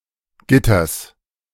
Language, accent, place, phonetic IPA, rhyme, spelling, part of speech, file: German, Germany, Berlin, [ˈɡɪtɐs], -ɪtɐs, Gitters, noun, De-Gitters.ogg
- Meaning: genitive singular of Gitter